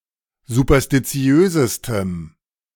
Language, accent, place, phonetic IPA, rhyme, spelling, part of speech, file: German, Germany, Berlin, [zupɐstiˈt͡si̯øːzəstəm], -øːzəstəm, superstitiösestem, adjective, De-superstitiösestem.ogg
- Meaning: strong dative masculine/neuter singular superlative degree of superstitiös